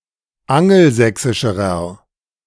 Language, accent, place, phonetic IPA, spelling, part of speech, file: German, Germany, Berlin, [ˈaŋl̩ˌzɛksɪʃəʁɐ], angelsächsischerer, adjective, De-angelsächsischerer.ogg
- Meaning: inflection of angelsächsisch: 1. strong/mixed nominative masculine singular comparative degree 2. strong genitive/dative feminine singular comparative degree